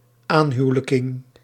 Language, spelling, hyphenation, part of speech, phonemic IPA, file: Dutch, aanhuwelijking, aan‧hu‧we‧lij‧king, noun, /ˈaːnˌɦyu̯(ə).lə.kɪŋ/, Nl-aanhuwelijking.ogg
- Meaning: the process of becoming related (becoming someone's in-law) through marriage